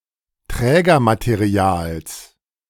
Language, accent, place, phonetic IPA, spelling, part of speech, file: German, Germany, Berlin, [ˈtʁɛːɡɐmateˌʁi̯aːls], Trägermaterials, noun, De-Trägermaterials.ogg
- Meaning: genitive singular of Trägermaterial